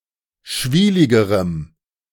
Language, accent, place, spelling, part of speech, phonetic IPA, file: German, Germany, Berlin, schwieligerem, adjective, [ˈʃviːlɪɡəʁəm], De-schwieligerem.ogg
- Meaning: strong dative masculine/neuter singular comparative degree of schwielig